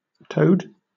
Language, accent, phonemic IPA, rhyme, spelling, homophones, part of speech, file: English, Southern England, /təʊd/, -əʊd, toad, toed / towed, noun / verb, LL-Q1860 (eng)-toad.wav
- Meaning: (noun) 1. An amphibian, a kind of frog (broad sense, order Anura) with shorter hindlegs and a drier, wartier skin, many in family Bufonidae 2. A contemptible or unpleasant person 3. An ugly person